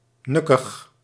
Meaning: moody, grumpy, inconstant, temperamental
- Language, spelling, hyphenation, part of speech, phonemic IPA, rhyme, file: Dutch, nukkig, nuk‧kig, adjective, /ˈnʏ.kəx/, -ʏkəx, Nl-nukkig.ogg